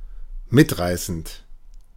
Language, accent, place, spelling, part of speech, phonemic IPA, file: German, Germany, Berlin, mitreißend, verb / adjective, /ˈmɪtˌʁaɪ̯sənt/, De-mitreißend.ogg
- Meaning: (verb) present participle of mitreißen; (adjective) 1. stirring, rousing 2. thrilling, exciting